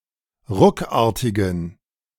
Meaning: inflection of ruckartig: 1. strong genitive masculine/neuter singular 2. weak/mixed genitive/dative all-gender singular 3. strong/weak/mixed accusative masculine singular 4. strong dative plural
- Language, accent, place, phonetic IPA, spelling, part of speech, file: German, Germany, Berlin, [ˈʁʊkˌaːɐ̯tɪɡn̩], ruckartigen, adjective, De-ruckartigen.ogg